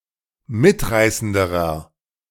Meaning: inflection of mitreißend: 1. strong/mixed nominative masculine singular comparative degree 2. strong genitive/dative feminine singular comparative degree 3. strong genitive plural comparative degree
- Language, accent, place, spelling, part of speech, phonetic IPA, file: German, Germany, Berlin, mitreißenderer, adjective, [ˈmɪtˌʁaɪ̯səndəʁɐ], De-mitreißenderer.ogg